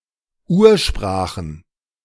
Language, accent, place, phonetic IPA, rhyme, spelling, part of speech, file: German, Germany, Berlin, [ˈuːɐ̯ˌʃpʁaːxn̩], -uːɐ̯ʃpʁaːxn̩, Ursprachen, noun, De-Ursprachen.ogg
- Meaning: plural of Ursprache